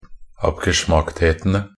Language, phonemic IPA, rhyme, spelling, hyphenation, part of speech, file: Norwegian Bokmål, /apɡəˈʃmaktheːtənə/, -ənə, abgeschmackthetene, ab‧ge‧schmackt‧he‧te‧ne, noun, Nb-abgeschmackthetene.ogg
- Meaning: definite plural of abgeschmackthet